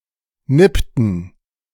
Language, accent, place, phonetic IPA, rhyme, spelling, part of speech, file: German, Germany, Berlin, [ˈnɪptn̩], -ɪptn̩, nippten, verb, De-nippten.ogg
- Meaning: inflection of nippen: 1. first/third-person plural preterite 2. first/third-person plural subjunctive II